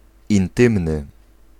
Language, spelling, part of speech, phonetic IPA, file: Polish, intymny, adjective, [ĩnˈtɨ̃mnɨ], Pl-intymny.ogg